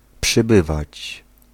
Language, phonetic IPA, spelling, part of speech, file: Polish, [pʃɨˈbɨvat͡ɕ], przybywać, verb, Pl-przybywać.ogg